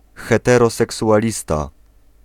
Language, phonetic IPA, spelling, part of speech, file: Polish, [ˌxɛtɛrɔsɛksuʷaˈlʲista], heteroseksualista, noun, Pl-heteroseksualista.ogg